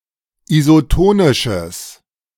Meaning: strong/mixed nominative/accusative neuter singular of isotonisch
- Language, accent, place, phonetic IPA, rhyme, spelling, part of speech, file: German, Germany, Berlin, [izoˈtoːnɪʃəs], -oːnɪʃəs, isotonisches, adjective, De-isotonisches.ogg